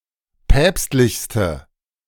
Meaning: inflection of päpstlich: 1. strong/mixed nominative/accusative feminine singular superlative degree 2. strong nominative/accusative plural superlative degree
- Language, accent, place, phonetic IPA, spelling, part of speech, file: German, Germany, Berlin, [ˈpɛːpstlɪçstə], päpstlichste, adjective, De-päpstlichste.ogg